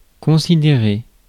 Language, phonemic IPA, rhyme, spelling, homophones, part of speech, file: French, /kɔ̃.si.de.ʁe/, -e, considérer, considérai / considéré / considérée / considérées / considérés / considérez, verb, Fr-considérer.ogg
- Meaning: 1. to consider (to look at) 2. to consider (to look at) each other 3. to consider (to think about) 4. to consider, to think of 5. to consider each other, to think of each other